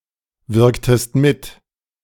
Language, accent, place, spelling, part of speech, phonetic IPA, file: German, Germany, Berlin, wirktest mit, verb, [ˌvɪʁktəst ˈmɪt], De-wirktest mit.ogg
- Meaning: inflection of mitwirken: 1. second-person singular preterite 2. second-person singular subjunctive II